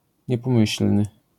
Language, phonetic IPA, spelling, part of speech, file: Polish, [ˌɲɛpɔ̃ˈmɨɕl̥nɨ], niepomyślny, adjective, LL-Q809 (pol)-niepomyślny.wav